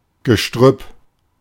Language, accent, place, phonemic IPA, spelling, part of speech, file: German, Germany, Berlin, /ɡəˈʃtʁʏp/, Gestrüpp, noun, De-Gestrüpp.ogg
- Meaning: brushwood